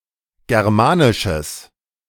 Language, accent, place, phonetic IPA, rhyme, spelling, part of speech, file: German, Germany, Berlin, [ˌɡɛʁˈmaːnɪʃəs], -aːnɪʃəs, germanisches, adjective, De-germanisches.ogg
- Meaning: strong/mixed nominative/accusative neuter singular of germanisch